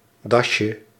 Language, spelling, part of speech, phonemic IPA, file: Dutch, dasje, noun, /ˈdɑʃə/, Nl-dasje.ogg
- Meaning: diminutive of das